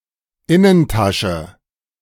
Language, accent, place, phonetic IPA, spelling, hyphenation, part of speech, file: German, Germany, Berlin, [ˈɪnənˌtʰaʃə], Innentasche, In‧nen‧ta‧sche, noun, De-Innentasche.ogg
- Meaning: inside pocket